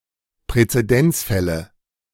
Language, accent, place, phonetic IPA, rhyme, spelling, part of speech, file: German, Germany, Berlin, [pʁɛt͡seˈdɛnt͡sˌfɛlə], -ɛnt͡sfɛlə, Präzedenzfälle, noun, De-Präzedenzfälle.ogg
- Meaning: nominative/accusative/genitive plural of Präzedenzfall